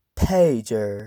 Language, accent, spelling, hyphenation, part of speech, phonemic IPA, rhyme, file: English, US, pager, pag‧er, noun, /peɪd͡ʒə(ɹ)/, -eɪdʒə(ɹ), En-us-pager.ogg
- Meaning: A wireless telecommunications device that receives text or voice messages